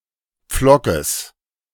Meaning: genitive singular of Pflock
- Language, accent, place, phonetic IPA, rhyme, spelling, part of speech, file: German, Germany, Berlin, [ˈp͡flɔkəs], -ɔkəs, Pflockes, noun, De-Pflockes.ogg